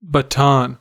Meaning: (noun) 1. A staff or truncheon, used for various purposes 2. A ceremonial staff of a field marshal or a similar high-ranking military office 3. The stick of a conductor in musical performances
- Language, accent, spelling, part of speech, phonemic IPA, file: English, US, baton, noun / verb, /bəˈtɑn/, En-us-baton.ogg